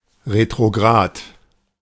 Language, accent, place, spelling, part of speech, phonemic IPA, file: German, Germany, Berlin, retrograd, adjective, /ʁetʁoˈɡʁaːt/, De-retrograd.ogg
- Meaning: retrograde, backward